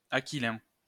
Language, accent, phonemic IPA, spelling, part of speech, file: French, France, /a.ki.lɛ̃/, aquilin, adjective, LL-Q150 (fra)-aquilin.wav
- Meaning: aquiline